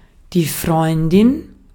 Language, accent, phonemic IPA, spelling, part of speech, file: German, Austria, /ˈfʁɔʏ̯ndɪn/, Freundin, noun, De-at-Freundin.ogg
- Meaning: female equivalent of Freund